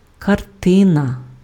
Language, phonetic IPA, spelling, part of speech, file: Ukrainian, [kɐrˈtɪnɐ], картина, noun, Uk-картина.ogg
- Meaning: 1. picture (representation of visible reality produced by drawing, etc.) 2. painting, canvas